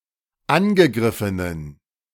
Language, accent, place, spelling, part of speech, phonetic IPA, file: German, Germany, Berlin, angegriffenen, adjective, [ˈanɡəˌɡʁɪfənən], De-angegriffenen.ogg
- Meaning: inflection of angegriffen: 1. strong genitive masculine/neuter singular 2. weak/mixed genitive/dative all-gender singular 3. strong/weak/mixed accusative masculine singular 4. strong dative plural